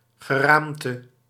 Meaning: 1. skeleton 2. frame
- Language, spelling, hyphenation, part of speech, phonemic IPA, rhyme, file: Dutch, geraamte, ge‧raam‧te, noun, /ɣəˈraːm.tə/, -aːmtə, Nl-geraamte.ogg